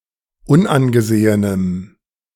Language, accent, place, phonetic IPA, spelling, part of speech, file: German, Germany, Berlin, [ˈʊnʔanɡəˌzeːənəm], unangesehenem, adjective, De-unangesehenem.ogg
- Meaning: strong dative masculine/neuter singular of unangesehen